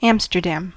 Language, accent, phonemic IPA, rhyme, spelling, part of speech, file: English, US, /ˈæmstɚˌdæm/, -æm, Amsterdam, proper noun, En-us-Amsterdam.ogg
- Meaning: A city and municipality of North Holland, Netherlands; the capital city of the Netherlands